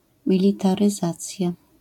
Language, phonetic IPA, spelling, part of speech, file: Polish, [ˌmʲilʲitarɨˈzat͡sʲja], militaryzacja, noun, LL-Q809 (pol)-militaryzacja.wav